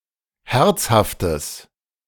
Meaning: strong/mixed nominative/accusative neuter singular of herzhaft
- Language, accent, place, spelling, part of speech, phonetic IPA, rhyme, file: German, Germany, Berlin, herzhaftes, adjective, [ˈhɛʁt͡shaftəs], -ɛʁt͡shaftəs, De-herzhaftes.ogg